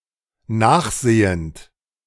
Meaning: present participle of nachsehen
- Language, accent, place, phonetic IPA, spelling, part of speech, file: German, Germany, Berlin, [ˈnaːxˌzeːənt], nachsehend, verb, De-nachsehend.ogg